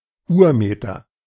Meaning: standard meter (International standard of length)
- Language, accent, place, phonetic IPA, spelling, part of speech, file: German, Germany, Berlin, [ˈuːɐ̯ˌmeːtɐ], Urmeter, noun, De-Urmeter.ogg